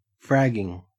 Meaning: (noun) The premeditated murder of one's superior officer in a military unit; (verb) present participle and gerund of frag
- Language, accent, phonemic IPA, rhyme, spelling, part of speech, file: English, Australia, /ˈfɹæɡɪŋ/, -æɡɪŋ, fragging, noun / verb, En-au-fragging.ogg